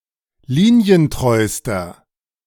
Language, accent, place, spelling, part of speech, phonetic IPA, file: German, Germany, Berlin, linientreuster, adjective, [ˈliːni̯ənˌtʁɔɪ̯stɐ], De-linientreuster.ogg
- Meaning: inflection of linientreu: 1. strong/mixed nominative masculine singular superlative degree 2. strong genitive/dative feminine singular superlative degree 3. strong genitive plural superlative degree